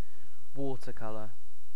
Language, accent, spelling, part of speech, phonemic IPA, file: English, UK, watercolour, noun / adjective / verb, /ˈwɔ.tɜˌkʌ.lɜ/, En-uk-watercolour.ogg
- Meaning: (noun) 1. A water-soluble pigment or paint 2. A painting made by using such pigment 3. This kind of painting as a genre; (adjective) Pertaining to the methods or products of watercolor